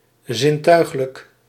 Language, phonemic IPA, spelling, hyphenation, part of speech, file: Dutch, /ˌzɪnˈtœy̯x.lək/, zintuiglijk, zin‧tuig‧lijk, adjective, Nl-zintuiglijk.ogg
- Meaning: pertaining to the senses; capable of being perceived by the senses; sensory